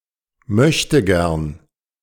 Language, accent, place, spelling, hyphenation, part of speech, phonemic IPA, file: German, Germany, Berlin, Möchtegern, Möch‧te‧gern, noun, /ˈmœçtəˌɡɛʁn/, De-Möchtegern.ogg
- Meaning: a wannabe